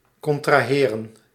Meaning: to contract
- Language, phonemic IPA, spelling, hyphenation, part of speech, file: Dutch, /ˌkɔntraːˈɦeːrə(n)/, contraheren, con‧tra‧he‧ren, verb, Nl-contraheren.ogg